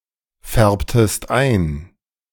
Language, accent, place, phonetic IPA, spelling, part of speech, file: German, Germany, Berlin, [ˌfɛʁptəst ˈaɪ̯n], färbtest ein, verb, De-färbtest ein.ogg
- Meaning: inflection of einfärben: 1. second-person singular preterite 2. second-person singular subjunctive II